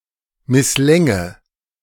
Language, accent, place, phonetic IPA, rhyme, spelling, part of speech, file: German, Germany, Berlin, [mɪsˈlɛŋə], -ɛŋə, misslänge, verb, De-misslänge.ogg
- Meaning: first/third-person singular subjunctive II of misslingen